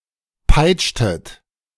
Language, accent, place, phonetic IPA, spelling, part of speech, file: German, Germany, Berlin, [ˈpaɪ̯t͡ʃtət], peitschtet, verb, De-peitschtet.ogg
- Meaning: inflection of peitschen: 1. second-person plural preterite 2. second-person plural subjunctive II